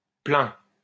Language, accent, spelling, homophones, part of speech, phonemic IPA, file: French, France, plain, plains / plein / pleins, adjective, /plɛ̃/, LL-Q150 (fra)-plain.wav
- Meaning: plane